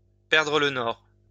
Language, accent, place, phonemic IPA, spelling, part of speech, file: French, France, Lyon, /pɛʁ.dʁə l(ə) nɔʁ/, perdre le nord, verb, LL-Q150 (fra)-perdre le nord.wav
- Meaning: to lose one's bearings, to be all at sea